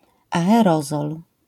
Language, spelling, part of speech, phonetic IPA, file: Polish, aerozol, noun, [ˌaɛˈrɔzɔl], LL-Q809 (pol)-aerozol.wav